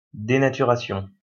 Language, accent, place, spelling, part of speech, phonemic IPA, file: French, France, Lyon, dénaturation, noun, /de.na.ty.ʁa.sjɔ̃/, LL-Q150 (fra)-dénaturation.wav
- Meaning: denaturing, denaturation